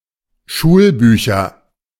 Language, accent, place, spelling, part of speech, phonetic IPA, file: German, Germany, Berlin, Schulbücher, noun, [ˈʃuːlˌbyːçɐ], De-Schulbücher.ogg
- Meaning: nominative/accusative/genitive plural of Schulbuch